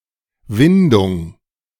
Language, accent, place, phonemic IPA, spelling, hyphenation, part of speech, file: German, Germany, Berlin, /ˈvɪndʊŋ/, Windung, Win‧dung, noun, De-Windung.ogg
- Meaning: 1. torsion 2. turn 3. coil